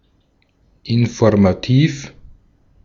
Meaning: informative
- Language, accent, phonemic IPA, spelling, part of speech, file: German, Austria, /ɪnfɔʁmaˈtiːf/, informativ, adjective, De-at-informativ.ogg